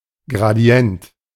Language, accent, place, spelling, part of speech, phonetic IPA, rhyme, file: German, Germany, Berlin, Gradient, noun, [ɡʁaˈdi̯ɛnt], -ɛnt, De-Gradient.ogg
- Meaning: gradient